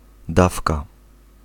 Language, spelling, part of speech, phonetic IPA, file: Polish, dawka, noun, [ˈdafka], Pl-dawka.ogg